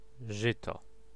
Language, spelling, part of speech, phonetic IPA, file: Polish, żyto, noun / verb, [ˈʒɨtɔ], Pl-żyto.ogg